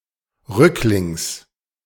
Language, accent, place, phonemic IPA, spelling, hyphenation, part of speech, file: German, Germany, Berlin, /ˈʁʏklɪŋs/, rücklings, rück‧lings, adverb, De-rücklings.ogg
- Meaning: 1. backwards 2. on one's back